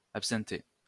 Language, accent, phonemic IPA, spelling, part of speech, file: French, France, /ap.sɛ̃.te/, absinthé, adjective, LL-Q150 (fra)-absinthé.wav
- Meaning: containing absinth or wormwood